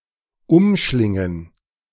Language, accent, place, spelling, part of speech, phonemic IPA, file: German, Germany, Berlin, umschlingen, verb, /ʊmˈʃlɪŋən/, De-umschlingen.ogg
- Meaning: 1. to twine (around), to embrace, entangle (an object) 2. to embrace in the arms